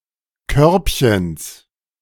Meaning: genitive singular of Körbchen
- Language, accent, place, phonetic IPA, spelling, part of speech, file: German, Germany, Berlin, [ˈkœʁpçəns], Körbchens, noun, De-Körbchens.ogg